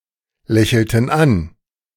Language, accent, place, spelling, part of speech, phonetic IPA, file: German, Germany, Berlin, lächelten an, verb, [ˌlɛçl̩tn̩ ˈan], De-lächelten an.ogg
- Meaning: inflection of anlächeln: 1. first/third-person plural preterite 2. first/third-person plural subjunctive II